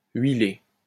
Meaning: past participle of huiler
- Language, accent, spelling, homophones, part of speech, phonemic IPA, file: French, France, huilé, huilai / huilée / huilées / huiler / huilés / huilez, verb, /ɥi.le/, LL-Q150 (fra)-huilé.wav